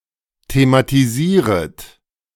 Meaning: second-person plural subjunctive I of thematisieren
- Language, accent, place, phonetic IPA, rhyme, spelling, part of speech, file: German, Germany, Berlin, [tematiˈziːʁət], -iːʁət, thematisieret, verb, De-thematisieret.ogg